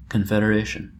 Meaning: 1. A union or alliance of states or political organizations 2. The act of forming an alliance
- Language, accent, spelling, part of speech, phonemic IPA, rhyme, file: English, US, confederation, noun, /kənfɛdəˈɹeɪʃən/, -eɪʃən, En-us-confederation.oga